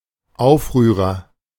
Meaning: agitator, rebel, revolutionary
- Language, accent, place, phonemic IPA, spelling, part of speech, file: German, Germany, Berlin, /ˈaʊ̯fˌʁyːʁɐ/, Aufrührer, noun, De-Aufrührer.ogg